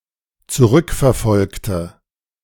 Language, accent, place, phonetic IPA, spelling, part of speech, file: German, Germany, Berlin, [t͡suˈʁʏkfɛɐ̯ˌfɔlktə], zurückverfolgte, adjective / verb, De-zurückverfolgte.ogg
- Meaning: inflection of zurückverfolgen: 1. first/third-person singular dependent preterite 2. first/third-person singular dependent subjunctive II